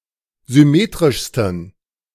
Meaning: 1. superlative degree of symmetrisch 2. inflection of symmetrisch: strong genitive masculine/neuter singular superlative degree
- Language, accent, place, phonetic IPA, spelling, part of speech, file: German, Germany, Berlin, [zʏˈmeːtʁɪʃstn̩], symmetrischsten, adjective, De-symmetrischsten.ogg